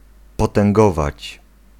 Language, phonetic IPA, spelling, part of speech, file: Polish, [ˌpɔtɛ̃ŋˈɡɔvat͡ɕ], potęgować, verb, Pl-potęgować.ogg